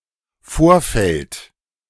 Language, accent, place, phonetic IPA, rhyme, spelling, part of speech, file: German, Germany, Berlin, [ˈfoːɐ̯ˌfɛlt], -oːɐ̯fɛlt, Vorfeld, noun, De-Vorfeld.ogg
- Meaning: 1. run-up (period of time just before an important event) 2. apron (paved area of an airport) 3. prefield (the first field in the Feldermodell)